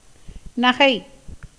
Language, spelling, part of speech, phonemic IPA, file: Tamil, நகை, noun / verb, /nɐɡɐɪ̯/, Ta-நகை.ogg
- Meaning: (noun) 1. jewel 2. laugh, smile; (verb) 1. to laugh, smile 2. to sneer, ridicule, taunt 3. to make fun (of someone or something)